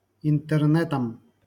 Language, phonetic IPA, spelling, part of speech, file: Russian, [ɪntɨrˈnɛtəm], интернетам, noun, LL-Q7737 (rus)-интернетам.wav
- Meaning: dative plural of интерне́т (intɛrnɛ́t)